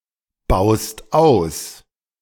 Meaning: second-person singular present of ausbauen
- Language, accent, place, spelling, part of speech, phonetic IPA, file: German, Germany, Berlin, baust aus, verb, [ˌbaʊ̯st ˈaʊ̯s], De-baust aus.ogg